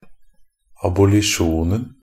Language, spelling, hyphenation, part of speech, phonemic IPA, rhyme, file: Norwegian Bokmål, abolisjonen, ab‧o‧li‧sjon‧en, noun, /abʊlɪˈʃuːnn̩/, -uːnn̩, NB - Pronunciation of Norwegian Bokmål «abolisjonen».ogg
- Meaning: definite singular of abolisjon